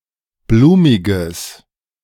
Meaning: strong/mixed nominative/accusative neuter singular of blumig
- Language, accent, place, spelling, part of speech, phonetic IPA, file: German, Germany, Berlin, blumiges, adjective, [ˈbluːmɪɡəs], De-blumiges.ogg